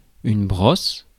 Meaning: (noun) 1. brush (the implement) 2. crew cut; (verb) inflection of brosser: 1. first/third-person singular present indicative/subjunctive 2. second-person singular imperative
- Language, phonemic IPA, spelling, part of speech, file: French, /bʁɔs/, brosse, noun / verb, Fr-brosse.ogg